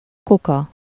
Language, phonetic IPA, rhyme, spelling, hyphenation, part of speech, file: Hungarian, [ˈkukɒ], -kɒ, kuka, ku‧ka, adjective / noun, Hu-kuka.ogg
- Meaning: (adjective) dumb (as a fish), tongue-tied (not saying a word); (noun) garbage can, trash can, refuse bin (especially an outdoor container)